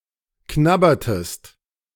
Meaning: inflection of knabbern: 1. second-person singular preterite 2. second-person singular subjunctive II
- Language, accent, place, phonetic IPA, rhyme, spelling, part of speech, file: German, Germany, Berlin, [ˈknabɐtəst], -abɐtəst, knabbertest, verb, De-knabbertest.ogg